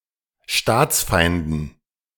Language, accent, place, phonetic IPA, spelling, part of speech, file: German, Germany, Berlin, [ˈʃtaːt͡sˌfaɪ̯ndn̩], Staatsfeinden, noun, De-Staatsfeinden.ogg
- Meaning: dative plural of Staatsfeind